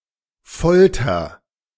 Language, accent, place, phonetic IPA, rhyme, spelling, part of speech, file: German, Germany, Berlin, [ˈfɔltɐ], -ɔltɐ, folter, verb, De-folter.ogg
- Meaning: inflection of foltern: 1. first-person singular present 2. singular imperative